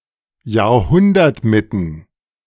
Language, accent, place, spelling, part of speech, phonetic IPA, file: German, Germany, Berlin, Jahrhundertmitten, noun, [jaːɐ̯ˈhʊndɐtˌmɪtn̩], De-Jahrhundertmitten.ogg
- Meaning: plural of Jahrhundertmitte